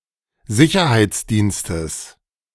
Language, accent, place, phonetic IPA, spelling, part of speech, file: German, Germany, Berlin, [ˈzɪçɐhaɪ̯t͡sˌdiːnstəs], Sicherheitsdienstes, noun, De-Sicherheitsdienstes.ogg
- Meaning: genitive singular of Sicherheitsdienst